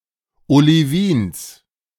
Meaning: genitive singular of Olivin
- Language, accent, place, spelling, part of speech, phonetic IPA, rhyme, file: German, Germany, Berlin, Olivins, noun, [oliˈviːns], -iːns, De-Olivins.ogg